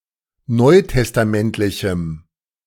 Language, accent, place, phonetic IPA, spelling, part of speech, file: German, Germany, Berlin, [ˈnɔɪ̯tɛstaˌmɛntlɪçm̩], neutestamentlichem, adjective, De-neutestamentlichem.ogg
- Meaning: strong dative masculine/neuter singular of neutestamentlich